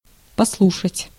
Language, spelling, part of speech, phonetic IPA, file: Russian, послушать, verb, [pɐsˈɫuʂətʲ], Ru-послушать.ogg
- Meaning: 1. to listen, to listen to (someone/something) 2. to attend 3. to auscultate